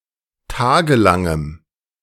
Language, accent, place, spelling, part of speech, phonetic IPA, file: German, Germany, Berlin, tagelangem, adjective, [ˈtaːɡəˌlaŋəm], De-tagelangem.ogg
- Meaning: strong dative masculine/neuter singular of tagelang